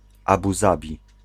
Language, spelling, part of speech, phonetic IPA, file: Polish, Abu Zabi, proper noun, [ˈabu ˈzabʲi], Pl-Abu Zabi.ogg